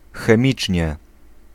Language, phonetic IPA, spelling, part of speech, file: Polish, [xɛ̃ˈmʲit͡ʃʲɲɛ], chemicznie, adverb, Pl-chemicznie.ogg